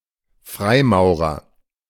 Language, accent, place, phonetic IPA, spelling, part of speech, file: German, Germany, Berlin, [ˈfʁaɪ̯ˌmaʊ̯ʁɐ], Freimaurer, noun, De-Freimaurer.ogg
- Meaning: 1. Freemason 2. freemason